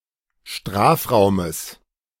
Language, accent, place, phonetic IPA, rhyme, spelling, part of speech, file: German, Germany, Berlin, [ˈʃtʁaːfˌʁaʊ̯məs], -aːfʁaʊ̯məs, Strafraumes, noun, De-Strafraumes.ogg
- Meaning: genitive singular of Strafraum